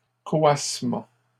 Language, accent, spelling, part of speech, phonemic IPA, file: French, Canada, coassement, noun, /kɔ.as.mɑ̃/, LL-Q150 (fra)-coassement.wav
- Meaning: croak, croaking